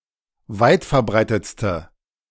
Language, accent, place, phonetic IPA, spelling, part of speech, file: German, Germany, Berlin, [ˈvaɪ̯tfɛɐ̯ˌbʁaɪ̯tət͡stə], weitverbreitetste, adjective, De-weitverbreitetste.ogg
- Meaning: inflection of weitverbreitet: 1. strong/mixed nominative/accusative feminine singular superlative degree 2. strong nominative/accusative plural superlative degree